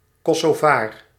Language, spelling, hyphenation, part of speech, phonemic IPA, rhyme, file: Dutch, Kosovaar, Ko‧so‧vaar, noun, /ˌkɔ.soːˈvaːr/, -aːr, Nl-Kosovaar.ogg
- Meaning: a Kosovar, a Kosovan